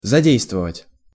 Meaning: 1. to start working/operating, to spring into action 2. to bring into play, to set in motion
- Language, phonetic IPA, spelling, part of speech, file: Russian, [zɐˈdʲejstvəvətʲ], задействовать, verb, Ru-задействовать.ogg